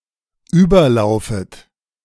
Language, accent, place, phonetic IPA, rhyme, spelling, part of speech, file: German, Germany, Berlin, [ˈyːbɐˌlaʊ̯fət], -yːbɐlaʊ̯fət, überlaufet, verb, De-überlaufet.ogg
- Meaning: second-person plural dependent subjunctive I of überlaufen